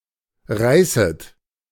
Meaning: second-person plural subjunctive I of reißen
- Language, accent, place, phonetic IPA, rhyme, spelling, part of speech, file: German, Germany, Berlin, [ˈʁaɪ̯sət], -aɪ̯sət, reißet, verb, De-reißet.ogg